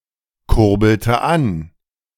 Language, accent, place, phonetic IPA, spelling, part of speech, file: German, Germany, Berlin, [ˌkʊʁbl̩tə ˈan], kurbelte an, verb, De-kurbelte an.ogg
- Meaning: inflection of ankurbeln: 1. first/third-person singular preterite 2. first/third-person singular subjunctive II